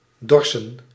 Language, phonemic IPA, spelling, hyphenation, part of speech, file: Dutch, /ˈdɔrsə(n)/, dorsen, dor‧sen, verb, Nl-dorsen.ogg
- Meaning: 1. to thresh 2. to thrash